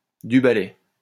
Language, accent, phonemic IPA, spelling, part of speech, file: French, France, /dy ba.lɛ/, du balai, interjection, LL-Q150 (fra)-du balai.wav
- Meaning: hop it! shoo! begone! push off! on your bike!